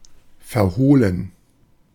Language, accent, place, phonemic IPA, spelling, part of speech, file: German, Germany, Berlin, /fɛɐ̯ˈhoːlən/, verhohlen, adjective, De-verhohlen.ogg
- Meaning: 1. concealed, secret, stealthy 2. suppressed